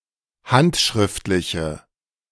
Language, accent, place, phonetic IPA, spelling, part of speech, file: German, Germany, Berlin, [ˈhantʃʁɪftlɪçə], handschriftliche, adjective, De-handschriftliche.ogg
- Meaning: inflection of handschriftlich: 1. strong/mixed nominative/accusative feminine singular 2. strong nominative/accusative plural 3. weak nominative all-gender singular